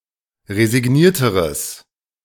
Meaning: strong/mixed nominative/accusative neuter singular comparative degree of resigniert
- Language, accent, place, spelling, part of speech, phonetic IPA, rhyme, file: German, Germany, Berlin, resignierteres, adjective, [ʁezɪˈɡniːɐ̯təʁəs], -iːɐ̯təʁəs, De-resignierteres.ogg